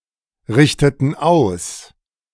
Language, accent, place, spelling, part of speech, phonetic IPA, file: German, Germany, Berlin, richteten aus, verb, [ˌʁɪçtətn̩ ˈaʊ̯s], De-richteten aus.ogg
- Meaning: inflection of ausrichten: 1. first/third-person plural preterite 2. first/third-person plural subjunctive II